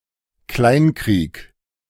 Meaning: 1. feud 2. guerrilla war
- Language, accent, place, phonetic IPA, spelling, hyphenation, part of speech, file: German, Germany, Berlin, [ˈklaɪ̯nˌkʁiːk], Kleinkrieg, Klein‧krieg, noun, De-Kleinkrieg.ogg